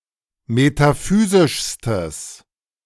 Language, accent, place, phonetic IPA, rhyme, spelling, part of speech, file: German, Germany, Berlin, [metaˈfyːzɪʃstəs], -yːzɪʃstəs, metaphysischstes, adjective, De-metaphysischstes.ogg
- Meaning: strong/mixed nominative/accusative neuter singular superlative degree of metaphysisch